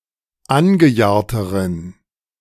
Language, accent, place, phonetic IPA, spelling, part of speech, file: German, Germany, Berlin, [ˈanɡəˌjaːɐ̯təʁən], angejahrteren, adjective, De-angejahrteren.ogg
- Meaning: inflection of angejahrt: 1. strong genitive masculine/neuter singular comparative degree 2. weak/mixed genitive/dative all-gender singular comparative degree